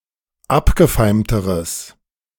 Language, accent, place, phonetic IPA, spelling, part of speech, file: German, Germany, Berlin, [ˈapɡəˌfaɪ̯mtəʁəs], abgefeimteres, adjective, De-abgefeimteres.ogg
- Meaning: strong/mixed nominative/accusative neuter singular comparative degree of abgefeimt